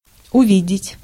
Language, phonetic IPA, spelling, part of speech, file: Russian, [ʊˈvʲidʲɪtʲ], увидеть, verb, Ru-увидеть.ogg
- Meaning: to see, to catch sight of, to notice